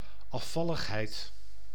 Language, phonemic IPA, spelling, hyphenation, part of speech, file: Dutch, /ˌɑˈfɑ.ləxˌɦɛi̯t/, afvalligheid, af‧val‧lig‧heid, noun, Nl-afvalligheid.ogg
- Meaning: 1. apostasy, disloyalty, desertion 2. an ideological renunciation or secession, notably apostasy, schismatic renunciation of (part of) a confessional creed, whether by joining another or not